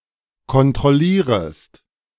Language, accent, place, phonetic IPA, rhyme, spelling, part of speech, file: German, Germany, Berlin, [kɔntʁɔˈliːʁəst], -iːʁəst, kontrollierest, verb, De-kontrollierest.ogg
- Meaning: second-person singular subjunctive I of kontrollieren